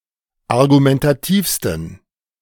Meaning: 1. superlative degree of argumentativ 2. inflection of argumentativ: strong genitive masculine/neuter singular superlative degree
- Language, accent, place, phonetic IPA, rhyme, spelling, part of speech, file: German, Germany, Berlin, [aʁɡumɛntaˈtiːfstn̩], -iːfstn̩, argumentativsten, adjective, De-argumentativsten.ogg